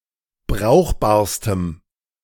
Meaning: strong dative masculine/neuter singular superlative degree of brauchbar
- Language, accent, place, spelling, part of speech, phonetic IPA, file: German, Germany, Berlin, brauchbarstem, adjective, [ˈbʁaʊ̯xbaːɐ̯stəm], De-brauchbarstem.ogg